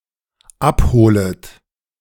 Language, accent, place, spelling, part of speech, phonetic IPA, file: German, Germany, Berlin, abholet, verb, [ˈapˌhoːlət], De-abholet.ogg
- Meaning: second-person plural dependent subjunctive I of abholen